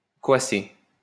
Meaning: to croak (like a frog)
- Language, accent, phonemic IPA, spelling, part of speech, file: French, France, /kɔ.a.se/, coasser, verb, LL-Q150 (fra)-coasser.wav